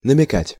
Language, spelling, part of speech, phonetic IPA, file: Russian, намекать, verb, [nəmʲɪˈkatʲ], Ru-намекать.ogg
- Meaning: to hint (at), to allude, to imply (refer to something indirectly or by suggestion)